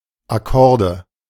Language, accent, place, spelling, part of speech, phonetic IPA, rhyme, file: German, Germany, Berlin, Akkorde, noun, [aˈkɔʁdə], -ɔʁdə, De-Akkorde.ogg
- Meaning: nominative/accusative/genitive plural of Akkord